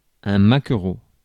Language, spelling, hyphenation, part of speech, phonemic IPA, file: French, maquereau, ma‧quereau, noun, /ma.kʁo/, Fr-maquereau.ogg
- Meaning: 1. mackerel 2. pimp